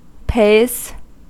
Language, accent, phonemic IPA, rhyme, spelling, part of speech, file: English, US, /peɪz/, -eɪz, pays, verb / noun, En-us-pays.ogg
- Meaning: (verb) third-person singular simple present indicative of pay; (noun) plural of pay